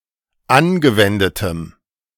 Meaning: strong dative masculine/neuter singular of angewendet
- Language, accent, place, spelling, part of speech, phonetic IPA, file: German, Germany, Berlin, angewendetem, adjective, [ˈanɡəˌvɛndətəm], De-angewendetem.ogg